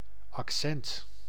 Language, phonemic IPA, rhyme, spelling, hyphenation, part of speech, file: Dutch, /ɑkˈsɛnt/, -ɛnt, accent, ac‧cent, noun, Nl-accent.ogg
- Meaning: 1. accent (distinctive pronunciation of a language; phonetic and phonological aspects of a lect) 2. a notably deviant or disprivileged pronunciation of a language